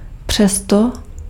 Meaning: yet, still, nevertheless, in spite of that
- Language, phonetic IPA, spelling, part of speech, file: Czech, [ˈpr̝̊ɛsto], přesto, adverb, Cs-přesto.ogg